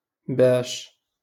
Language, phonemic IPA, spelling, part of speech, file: Moroccan Arabic, /baːʃ/, باش, conjunction / adverb, LL-Q56426 (ary)-باش.wav
- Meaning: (conjunction) in order to, in order that, so that: followed by the subjunctive mood; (adverb) with what?